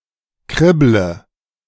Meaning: inflection of kribbeln: 1. first-person singular present 2. first/third-person singular subjunctive I 3. singular imperative
- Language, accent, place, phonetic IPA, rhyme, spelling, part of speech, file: German, Germany, Berlin, [ˈkʁɪblə], -ɪblə, kribble, verb, De-kribble.ogg